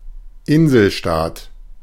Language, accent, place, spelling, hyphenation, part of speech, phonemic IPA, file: German, Germany, Berlin, Inselstaat, In‧sel‧staat, noun, /ˈɪnzl̩ˌʃtaːt/, De-Inselstaat.ogg
- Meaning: island state, island nation